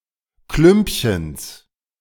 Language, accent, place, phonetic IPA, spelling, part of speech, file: German, Germany, Berlin, [ˈklʏmpçəns], Klümpchens, noun, De-Klümpchens.ogg
- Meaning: genitive singular of Klümpchen